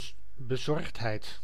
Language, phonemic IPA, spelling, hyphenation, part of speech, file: Dutch, /bəˈzɔrxtˌɦɛi̯t/, bezorgdheid, be‧zorgd‧heid, noun, Nl-bezorgdheid.ogg
- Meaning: anxiety, concern